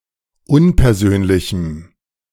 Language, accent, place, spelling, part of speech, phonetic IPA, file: German, Germany, Berlin, unpersönlichem, adjective, [ˈʊnpɛɐ̯ˌzøːnlɪçm̩], De-unpersönlichem.ogg
- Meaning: strong dative masculine/neuter singular of unpersönlich